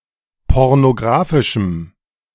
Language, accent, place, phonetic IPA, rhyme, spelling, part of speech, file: German, Germany, Berlin, [ˌpɔʁnoˈɡʁaːfɪʃm̩], -aːfɪʃm̩, pornographischem, adjective, De-pornographischem.ogg
- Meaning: strong dative masculine/neuter singular of pornographisch